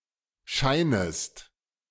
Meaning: second-person singular subjunctive I of scheinen
- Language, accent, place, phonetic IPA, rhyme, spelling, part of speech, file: German, Germany, Berlin, [ˈʃaɪ̯nəst], -aɪ̯nəst, scheinest, verb, De-scheinest.ogg